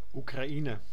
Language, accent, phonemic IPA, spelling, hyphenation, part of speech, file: Dutch, Netherlands, /ˌu.kraːˈi.nə/, Oekraïne, Oe‧kra‧ï‧ne, proper noun, Nl-Oekraïne.ogg
- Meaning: Ukraine (a country in Eastern Europe, bordering on the north shore of the Black Sea)